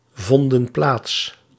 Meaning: inflection of plaatsvinden: 1. plural past indicative 2. plural past subjunctive
- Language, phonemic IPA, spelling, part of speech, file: Dutch, /ˈvɔndə(n) ˈplats/, vonden plaats, verb, Nl-vonden plaats.ogg